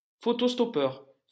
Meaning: closer (type of relief pitcher)
- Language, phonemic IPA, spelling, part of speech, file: French, /stɔ.pœʁ/, stoppeur, noun, LL-Q150 (fra)-stoppeur.wav